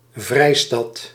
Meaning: 1. free city, especially a free imperial city 2. city of refuge, asylum city
- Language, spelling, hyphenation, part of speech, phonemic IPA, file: Dutch, vrijstad, vrij‧stad, noun, /ˈvrɛi̯.stɑt/, Nl-vrijstad.ogg